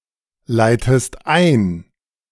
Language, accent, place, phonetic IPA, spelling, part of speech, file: German, Germany, Berlin, [ˌlaɪ̯təst ˈaɪ̯n], leitest ein, verb, De-leitest ein.ogg
- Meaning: inflection of einleiten: 1. second-person singular present 2. second-person singular subjunctive I